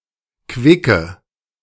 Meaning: inflection of quick: 1. strong/mixed nominative/accusative feminine singular 2. strong nominative/accusative plural 3. weak nominative all-gender singular 4. weak accusative feminine/neuter singular
- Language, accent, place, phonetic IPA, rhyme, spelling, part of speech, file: German, Germany, Berlin, [ˈkvɪkə], -ɪkə, quicke, adjective, De-quicke.ogg